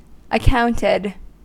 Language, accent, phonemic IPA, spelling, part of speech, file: English, US, /əˈkaʊntɪd/, accounted, verb, En-us-accounted.ogg
- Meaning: simple past and past participle of account